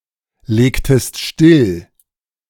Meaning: inflection of stilllegen: 1. second-person singular preterite 2. second-person singular subjunctive II
- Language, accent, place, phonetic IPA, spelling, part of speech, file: German, Germany, Berlin, [ˌleːktəst ˈʃtɪl], legtest still, verb, De-legtest still.ogg